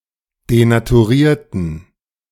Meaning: inflection of denaturieren: 1. first/third-person plural preterite 2. first/third-person plural subjunctive II
- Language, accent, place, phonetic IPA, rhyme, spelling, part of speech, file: German, Germany, Berlin, [denatuˈʁiːɐ̯tn̩], -iːɐ̯tn̩, denaturierten, adjective / verb, De-denaturierten.ogg